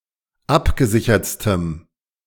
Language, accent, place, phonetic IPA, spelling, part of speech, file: German, Germany, Berlin, [ˈapɡəˌzɪçɐt͡stəm], abgesichertstem, adjective, De-abgesichertstem.ogg
- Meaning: strong dative masculine/neuter singular superlative degree of abgesichert